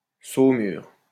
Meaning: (noun) brine; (verb) inflection of saumurer: 1. first/third-person singular present indicative/subjunctive 2. second-person singular imperative
- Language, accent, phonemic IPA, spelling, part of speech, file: French, France, /so.myʁ/, saumure, noun / verb, LL-Q150 (fra)-saumure.wav